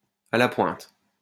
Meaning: at the cutting edge, at the forefront
- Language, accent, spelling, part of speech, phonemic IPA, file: French, France, à la pointe, adjective, /a la pwɛ̃t/, LL-Q150 (fra)-à la pointe.wav